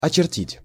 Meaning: to outline, to draw a line around
- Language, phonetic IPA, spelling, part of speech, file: Russian, [ɐt͡ɕɪrˈtʲitʲ], очертить, verb, Ru-очертить.ogg